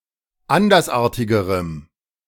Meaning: strong dative masculine/neuter singular comparative degree of andersartig
- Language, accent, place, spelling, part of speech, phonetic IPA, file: German, Germany, Berlin, andersartigerem, adjective, [ˈandɐsˌʔaːɐ̯tɪɡəʁəm], De-andersartigerem.ogg